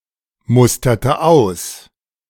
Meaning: inflection of ausmustern: 1. first/third-person singular preterite 2. first/third-person singular subjunctive II
- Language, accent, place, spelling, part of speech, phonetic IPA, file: German, Germany, Berlin, musterte aus, verb, [ˌmʊstɐtə ˈaʊ̯s], De-musterte aus.ogg